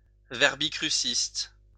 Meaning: cruciverbalist; constructor of crossword puzzles
- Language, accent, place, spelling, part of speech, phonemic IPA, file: French, France, Lyon, verbicruciste, noun, /vɛʁ.bi.kʁy.sist/, LL-Q150 (fra)-verbicruciste.wav